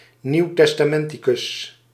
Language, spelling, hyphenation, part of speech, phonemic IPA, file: Dutch, nieuwtestamenticus, nieuw‧tes‧ta‧men‧ti‧cus, noun, /niu̯.tɛs.taːˈmɛn.ti.kʏs/, Nl-nieuwtestamenticus.ogg
- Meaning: New Testament scholar